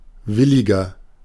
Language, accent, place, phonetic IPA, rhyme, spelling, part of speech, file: German, Germany, Berlin, [ˈvɪlɪɡɐ], -ɪlɪɡɐ, williger, adjective, De-williger.ogg
- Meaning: 1. comparative degree of willig 2. inflection of willig: strong/mixed nominative masculine singular 3. inflection of willig: strong genitive/dative feminine singular